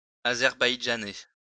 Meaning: Azerbaijani
- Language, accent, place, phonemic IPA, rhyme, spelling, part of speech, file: French, France, Lyon, /a.zɛʁ.baj.dʒa.nɛ/, -ɛ, azerbaïdjanais, adjective, LL-Q150 (fra)-azerbaïdjanais.wav